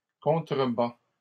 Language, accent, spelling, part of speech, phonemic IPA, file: French, Canada, contrebats, verb, /kɔ̃.tʁə.ba/, LL-Q150 (fra)-contrebats.wav
- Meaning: inflection of contrebattre: 1. first/second-person singular present indicative 2. second-person singular present imperative